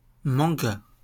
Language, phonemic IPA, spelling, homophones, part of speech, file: French, /mɑ̃.ɡa/, manga, mangas, noun, LL-Q150 (fra)-manga.wav
- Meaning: manga (comic originating in Japan)